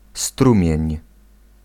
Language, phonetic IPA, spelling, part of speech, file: Polish, [ˈstrũmʲjɛ̇̃ɲ], strumień, noun, Pl-strumień.ogg